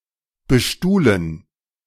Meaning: to furnish with chairs
- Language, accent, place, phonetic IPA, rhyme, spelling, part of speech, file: German, Germany, Berlin, [bəˈʃtuːlən], -uːlən, bestuhlen, verb, De-bestuhlen.ogg